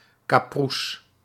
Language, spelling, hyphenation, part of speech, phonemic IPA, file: Dutch, kapoeres, ka‧poe‧res, adjective, /ˌkɑˈpu.rəs/, Nl-kapoeres.ogg
- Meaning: 1. broken, damaged, destroyed 2. dead, gone